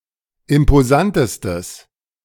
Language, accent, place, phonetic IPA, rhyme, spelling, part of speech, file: German, Germany, Berlin, [ɪmpoˈzantəstəs], -antəstəs, imposantestes, adjective, De-imposantestes.ogg
- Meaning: strong/mixed nominative/accusative neuter singular superlative degree of imposant